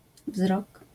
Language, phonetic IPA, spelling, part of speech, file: Polish, [vzrɔk], wzrok, noun, LL-Q809 (pol)-wzrok.wav